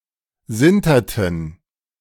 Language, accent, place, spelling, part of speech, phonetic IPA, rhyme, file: German, Germany, Berlin, sinterten, verb, [ˈzɪntɐtn̩], -ɪntɐtn̩, De-sinterten.ogg
- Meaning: inflection of sintern: 1. first/third-person plural preterite 2. first/third-person plural subjunctive II